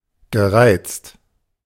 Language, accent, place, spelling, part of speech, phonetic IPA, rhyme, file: German, Germany, Berlin, gereizt, verb, [ɡəˈʁaɪ̯t͡st], -aɪ̯t͡st, De-gereizt.ogg
- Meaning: past participle of reizen